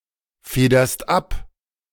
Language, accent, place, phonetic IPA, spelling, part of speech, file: German, Germany, Berlin, [ˌfeːdɐst ˈap], federst ab, verb, De-federst ab.ogg
- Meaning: second-person singular present of abfedern